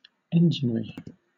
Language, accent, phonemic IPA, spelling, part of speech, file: English, Southern England, /ˈɛnd͡ʒɪnɹi/, enginery, noun, LL-Q1860 (eng)-enginery.wav
- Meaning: 1. Machinery made up of engines; instruments of war 2. The act or art of managing engines, or artillery 3. Any device or contrivance; machinery; structure or arrangement